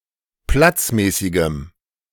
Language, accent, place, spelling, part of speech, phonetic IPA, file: German, Germany, Berlin, platzmäßigem, adjective, [ˈplat͡sˌmɛːsɪɡəm], De-platzmäßigem.ogg
- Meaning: strong dative masculine/neuter singular of platzmäßig